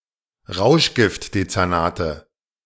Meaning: nominative/accusative/genitive plural of Rauschgiftdezernat
- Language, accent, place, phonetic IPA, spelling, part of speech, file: German, Germany, Berlin, [ˈʁaʊ̯ʃɡɪftdet͡sɛʁˌnaːtə], Rauschgiftdezernate, noun, De-Rauschgiftdezernate.ogg